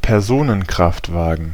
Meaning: car; passenger car
- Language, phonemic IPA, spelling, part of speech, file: German, /pɛʁˈzoːnənˌkʁaftvaːɡn̩/, Personenkraftwagen, noun, De-Personenkraftwagen.ogg